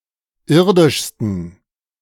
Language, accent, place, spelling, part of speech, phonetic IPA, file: German, Germany, Berlin, irdischsten, adjective, [ˈɪʁdɪʃstn̩], De-irdischsten.ogg
- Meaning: 1. superlative degree of irdisch 2. inflection of irdisch: strong genitive masculine/neuter singular superlative degree